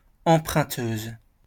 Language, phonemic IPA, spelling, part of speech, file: French, /ɑ̃.pʁœ̃.tøz/, emprunteuse, noun, LL-Q150 (fra)-emprunteuse.wav
- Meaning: female equivalent of emprunteur